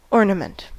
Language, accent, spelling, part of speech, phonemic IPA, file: English, US, ornament, noun, /ˈɔɹnəmənt/, En-us-ornament.ogg
- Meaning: 1. An element of decoration; that which embellishes or adorns 2. An element of decoration; that which embellishes or adorns.: Christmas ornament: a Christmas tree decoration